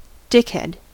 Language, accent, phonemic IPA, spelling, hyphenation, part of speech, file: English, US, /ˈdɪkˌ(h)ɛd/, dickhead, dick‧head, noun, En-us-dickhead.ogg
- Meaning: 1. The glans penis 2. A jerk; a mean or rude person 3. A stupid or useless person